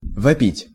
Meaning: to yell, to scream, to howl
- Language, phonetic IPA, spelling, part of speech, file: Russian, [vɐˈpʲitʲ], вопить, verb, Ru-вопить.ogg